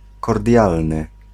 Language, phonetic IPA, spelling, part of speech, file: Polish, [kɔrˈdʲjalnɨ], kordialny, adjective, Pl-kordialny.ogg